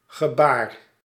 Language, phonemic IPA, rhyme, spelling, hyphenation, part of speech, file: Dutch, /ɣəˈbaːr/, -aːr, gebaar, ge‧baar, noun / verb, Nl-gebaar.ogg
- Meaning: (noun) 1. gesture (act of gesticulating) 2. gesture (act or token of appreciation or lack thereof) 3. movement, motion 4. appearance 5. uproar, tumult